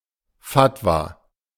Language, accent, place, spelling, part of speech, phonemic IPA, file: German, Germany, Berlin, Fatwa, noun, /ˈfatva/, De-Fatwa.ogg
- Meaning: fatwa (scholar's written response to a religious question)